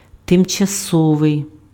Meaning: temporary
- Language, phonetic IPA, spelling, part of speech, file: Ukrainian, [temt͡ʃɐˈsɔʋei̯], тимчасовий, adjective, Uk-тимчасовий.ogg